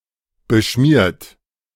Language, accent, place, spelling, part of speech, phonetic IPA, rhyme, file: German, Germany, Berlin, beschmiert, adjective / verb, [bəˈʃmiːɐ̯t], -iːɐ̯t, De-beschmiert.ogg
- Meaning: 1. past participle of beschmieren 2. inflection of beschmieren: second-person plural present 3. inflection of beschmieren: third-person singular present 4. inflection of beschmieren: plural imperative